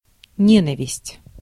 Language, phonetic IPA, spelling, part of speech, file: Russian, [ˈnʲenəvʲɪsʲtʲ], ненависть, noun, Ru-ненависть.ogg
- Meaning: hatred, hate